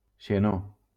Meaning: xenon
- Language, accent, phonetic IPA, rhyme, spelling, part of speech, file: Catalan, Valencia, [ʃeˈno], -o, xenó, noun, LL-Q7026 (cat)-xenó.wav